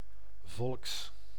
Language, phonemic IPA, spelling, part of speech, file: Dutch, /ˈvɔlᵊks/, volks, adjective, Nl-volks.ogg
- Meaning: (adjective) popular, common, down to earth; relating to or characteristic of the common people; not of the elite; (noun) genitive singular of volk